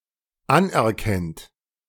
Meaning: inflection of anerkennen: 1. third-person singular dependent present 2. second-person plural dependent present
- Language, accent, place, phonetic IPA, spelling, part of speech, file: German, Germany, Berlin, [ˈanʔɛɐ̯ˌkɛnt], anerkennt, verb, De-anerkennt.ogg